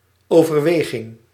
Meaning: 1. consideration, contemplation 2. contemplative message
- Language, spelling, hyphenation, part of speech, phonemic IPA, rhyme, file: Dutch, overweging, over‧we‧ging, noun, /ˌoː.vərˈʋeː.ɣɪŋ/, -eːɣɪŋ, Nl-overweging.ogg